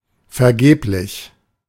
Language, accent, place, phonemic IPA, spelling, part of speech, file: German, Germany, Berlin, /fɛʁˈɡeːplɪç/, vergeblich, adjective, De-vergeblich.ogg
- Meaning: unavailing, in vain, futile, useless